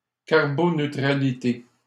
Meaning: synonym of neutralité carbone
- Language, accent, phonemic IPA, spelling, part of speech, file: French, Canada, /kaʁ.bo.nø.tʁa.li.te/, carboneutralité, noun, LL-Q150 (fra)-carboneutralité.wav